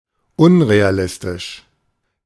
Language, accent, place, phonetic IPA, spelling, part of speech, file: German, Germany, Berlin, [ˈʊnʁeaˌlɪstɪʃ], unrealistisch, adjective, De-unrealistisch.ogg
- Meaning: unrealistic